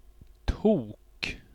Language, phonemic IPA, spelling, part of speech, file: Swedish, /tuːk/, tok, noun, Sv-tok.ogg
- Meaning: 1. crazy person, fool, wacko (stupid and/or crazy (and silly) person) 2. shrubby cinquefoil (short form of ölandstok)